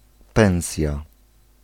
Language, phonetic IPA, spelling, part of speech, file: Polish, [ˈpɛ̃w̃sʲja], pensja, noun, Pl-pensja.ogg